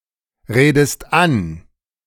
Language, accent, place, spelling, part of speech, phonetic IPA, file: German, Germany, Berlin, redest an, verb, [ˌʁeːdəst ˈan], De-redest an.ogg
- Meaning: inflection of anreden: 1. second-person singular present 2. second-person singular subjunctive I